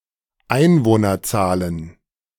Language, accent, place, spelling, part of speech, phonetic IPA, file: German, Germany, Berlin, Einwohnerzahlen, noun, [ˈaɪ̯nvoːnɐˌt͡saːlən], De-Einwohnerzahlen.ogg
- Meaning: plural of Einwohnerzahl